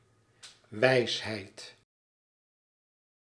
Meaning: 1. wisdom 2. maxim, saying, adage, concise nugget of wisdom
- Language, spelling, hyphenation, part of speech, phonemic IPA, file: Dutch, wijsheid, wijs‧heid, noun, /ˈʋɛi̯sɦɛi̯t/, Nl-wijsheid.ogg